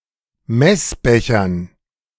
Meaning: dative plural of Messbecher
- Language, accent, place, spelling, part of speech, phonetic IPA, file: German, Germany, Berlin, Messbechern, noun, [ˈmɛsˌbɛçɐn], De-Messbechern.ogg